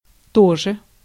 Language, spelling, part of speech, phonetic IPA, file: Russian, тоже, adverb / particle, [ˈtoʐɨ], Ru-тоже.ogg
- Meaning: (adverb) 1. also, too, as well, likewise 2. either, neither, nor; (particle) expresses disbelief, sarcasm, irony, often combined with мне (mne)